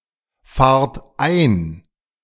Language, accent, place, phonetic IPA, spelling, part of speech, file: German, Germany, Berlin, [ˌfaːɐ̯t ˈaɪ̯n], fahrt ein, verb, De-fahrt ein.ogg
- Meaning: inflection of einfahren: 1. second-person plural present 2. plural imperative